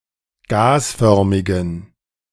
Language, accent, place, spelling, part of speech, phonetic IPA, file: German, Germany, Berlin, gasförmigen, adjective, [ˈɡaːsˌfœʁmɪɡn̩], De-gasförmigen.ogg
- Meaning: inflection of gasförmig: 1. strong genitive masculine/neuter singular 2. weak/mixed genitive/dative all-gender singular 3. strong/weak/mixed accusative masculine singular 4. strong dative plural